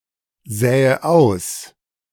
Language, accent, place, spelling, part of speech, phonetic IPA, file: German, Germany, Berlin, sähe aus, verb, [ˌzɛːə ˈaʊ̯s], De-sähe aus.ogg
- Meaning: first/third-person singular subjunctive II of aussehen